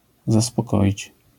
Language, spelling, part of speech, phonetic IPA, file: Polish, zaspokoić, verb, [ˌzaspɔˈkɔʲit͡ɕ], LL-Q809 (pol)-zaspokoić.wav